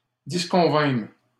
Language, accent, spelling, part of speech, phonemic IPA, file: French, Canada, disconvînmes, verb, /dis.kɔ̃.vɛ̃m/, LL-Q150 (fra)-disconvînmes.wav
- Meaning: first-person plural past historic of disconvenir